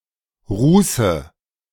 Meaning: nominative/accusative/genitive plural of Ruß
- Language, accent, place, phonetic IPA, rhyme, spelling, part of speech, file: German, Germany, Berlin, [ˈʁuːsə], -uːsə, Ruße, noun, De-Ruße.ogg